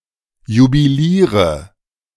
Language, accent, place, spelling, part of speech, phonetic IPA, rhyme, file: German, Germany, Berlin, jubiliere, verb, [jubiˈliːʁə], -iːʁə, De-jubiliere.ogg
- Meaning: inflection of jubilieren: 1. first-person singular present 2. first/third-person singular subjunctive I 3. singular imperative